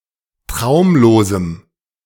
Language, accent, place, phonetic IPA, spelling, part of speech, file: German, Germany, Berlin, [ˈtʁaʊ̯mloːzəm], traumlosem, adjective, De-traumlosem.ogg
- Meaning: strong dative masculine/neuter singular of traumlos